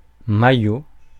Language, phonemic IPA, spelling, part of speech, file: French, /ma.jo/, maillot, noun, Fr-maillot.ogg
- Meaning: 1. vest 2. leotard (of a dancer); shirt, jersey (of a footballer); singlet (of a runner; of a basketball player) 3. bikini line 4. swaddling clothes